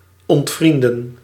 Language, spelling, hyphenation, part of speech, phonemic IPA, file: Dutch, ontvrienden, ont‧vrien‧den, verb, /ˌɔntˈfrin.də(n)/, Nl-ontvrienden.ogg
- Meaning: to unfriend (to remove as a friend, e.g. from a friend list, on social media)